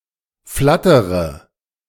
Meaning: inflection of flattern: 1. first-person singular present 2. first-person plural subjunctive I 3. third-person singular subjunctive I 4. singular imperative
- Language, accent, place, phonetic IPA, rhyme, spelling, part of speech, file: German, Germany, Berlin, [ˈflatəʁə], -atəʁə, flattere, verb, De-flattere.ogg